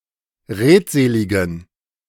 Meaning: inflection of redselig: 1. strong genitive masculine/neuter singular 2. weak/mixed genitive/dative all-gender singular 3. strong/weak/mixed accusative masculine singular 4. strong dative plural
- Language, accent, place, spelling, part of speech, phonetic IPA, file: German, Germany, Berlin, redseligen, adjective, [ˈʁeːtˌzeːlɪɡn̩], De-redseligen.ogg